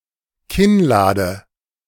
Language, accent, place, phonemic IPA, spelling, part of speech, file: German, Germany, Berlin, /ˈkɪnˌlaːdə/, Kinnlade, noun, De-Kinnlade.ogg
- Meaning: jaw, lower jaw, mandible